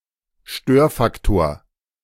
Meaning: 1. disruptive factor, nuisance factor, disturbing factor 2. confounder, confounding factor, confounding variable
- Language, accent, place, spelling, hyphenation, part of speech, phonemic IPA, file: German, Germany, Berlin, Störfaktor, Stör‧fak‧tor, noun, /ˈʃtøːɐ̯faktoːɐ̯/, De-Störfaktor.ogg